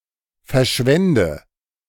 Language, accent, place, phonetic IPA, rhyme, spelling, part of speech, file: German, Germany, Berlin, [fɛɐ̯ˈʃvɛndə], -ɛndə, verschwende, verb, De-verschwende.ogg
- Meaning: inflection of verschwenden: 1. first-person singular present 2. singular imperative 3. first/third-person singular subjunctive I